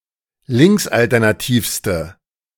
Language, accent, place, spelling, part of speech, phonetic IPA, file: German, Germany, Berlin, linksalternativste, adjective, [ˈlɪŋksʔaltɛʁnaˌtiːfstə], De-linksalternativste.ogg
- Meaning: inflection of linksalternativ: 1. strong/mixed nominative/accusative feminine singular superlative degree 2. strong nominative/accusative plural superlative degree